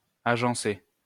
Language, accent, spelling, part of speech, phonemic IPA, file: French, France, agencer, verb, /a.ʒɑ̃.se/, LL-Q150 (fra)-agencer.wav
- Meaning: 1. to arrange, to lay out, to piece together 2. to arrange